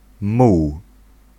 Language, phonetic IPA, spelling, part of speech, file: Polish, [muw], muł, noun, Pl-muł.ogg